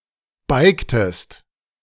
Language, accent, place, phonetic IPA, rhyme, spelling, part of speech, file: German, Germany, Berlin, [ˈbaɪ̯ktəst], -aɪ̯ktəst, beigtest, verb, De-beigtest.ogg
- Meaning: inflection of beigen: 1. second-person singular preterite 2. second-person singular subjunctive II